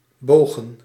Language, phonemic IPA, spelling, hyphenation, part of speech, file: Dutch, /ˈboːɣə(n)/, bogen, bo‧gen, verb / noun, Nl-bogen.ogg
- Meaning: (verb) 1. to claim recognition 2. to (cause to) bend; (noun) plural of boog; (verb) inflection of buigen: 1. plural past indicative 2. plural past subjunctive